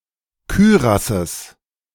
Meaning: genitive singular of Kürass
- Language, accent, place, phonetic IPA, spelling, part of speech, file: German, Germany, Berlin, [ˈkyːʁasəs], Kürasses, noun, De-Kürasses.ogg